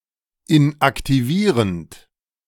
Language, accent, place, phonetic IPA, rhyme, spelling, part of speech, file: German, Germany, Berlin, [ɪnʔaktiˈviːʁənt], -iːʁənt, inaktivierend, verb, De-inaktivierend.ogg
- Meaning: present participle of inaktivieren